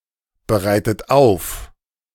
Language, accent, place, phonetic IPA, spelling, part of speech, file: German, Germany, Berlin, [bəˌʁaɪ̯tət ˈaʊ̯f], bereitet auf, verb, De-bereitet auf.ogg
- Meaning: inflection of aufbereiten: 1. second-person plural present 2. second-person plural subjunctive I 3. third-person singular present 4. plural imperative